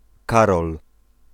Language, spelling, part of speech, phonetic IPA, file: Polish, Karol, proper noun, [ˈkarɔl], Pl-Karol.ogg